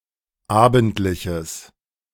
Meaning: strong/mixed nominative/accusative neuter singular of abendlich
- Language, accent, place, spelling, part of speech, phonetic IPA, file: German, Germany, Berlin, abendliches, adjective, [ˈaːbn̩tlɪçəs], De-abendliches.ogg